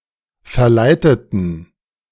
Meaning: inflection of verleiten: 1. first/third-person plural preterite 2. first/third-person plural subjunctive II
- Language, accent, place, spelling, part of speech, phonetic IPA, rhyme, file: German, Germany, Berlin, verleiteten, adjective / verb, [fɛɐ̯ˈlaɪ̯tətn̩], -aɪ̯tətn̩, De-verleiteten.ogg